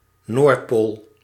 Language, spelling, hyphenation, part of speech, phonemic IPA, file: Dutch, noordpool, noord‧pool, noun, /ˈnortpol/, Nl-noordpool.ogg
- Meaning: north pole